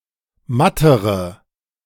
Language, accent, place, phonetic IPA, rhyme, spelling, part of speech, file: German, Germany, Berlin, [ˈmatəʁə], -atəʁə, mattere, adjective, De-mattere.ogg
- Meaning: inflection of matt: 1. strong/mixed nominative/accusative feminine singular comparative degree 2. strong nominative/accusative plural comparative degree